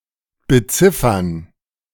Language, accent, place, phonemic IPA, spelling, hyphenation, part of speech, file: German, Germany, Berlin, /bəˈtsɪfɐn/, beziffern, be‧zif‧fern, verb, De-beziffern2.ogg
- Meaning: 1. to estimate 2. to number